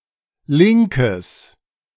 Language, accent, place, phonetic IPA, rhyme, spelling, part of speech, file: German, Germany, Berlin, [ˈlɪŋkəs], -ɪŋkəs, linkes, adjective, De-linkes.ogg
- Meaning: strong/mixed nominative/accusative neuter singular of linker